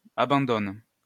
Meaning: inflection of abandonner: 1. first/third-person singular present indicative/subjunctive 2. second-person singular imperative
- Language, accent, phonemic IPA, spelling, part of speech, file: French, France, /a.bɑ̃.dɔn/, abandonne, verb, LL-Q150 (fra)-abandonne.wav